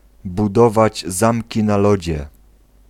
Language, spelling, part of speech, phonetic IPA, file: Polish, budować zamki na lodzie, phrase, [buˈdɔvad͡ʑ ˈzãmʲci na‿ˈlɔd͡ʑɛ], Pl-budować zamki na lodzie.ogg